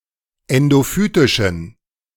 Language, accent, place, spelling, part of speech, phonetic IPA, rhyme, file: German, Germany, Berlin, endophytischen, adjective, [ˌɛndoˈfyːtɪʃn̩], -yːtɪʃn̩, De-endophytischen.ogg
- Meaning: inflection of endophytisch: 1. strong genitive masculine/neuter singular 2. weak/mixed genitive/dative all-gender singular 3. strong/weak/mixed accusative masculine singular 4. strong dative plural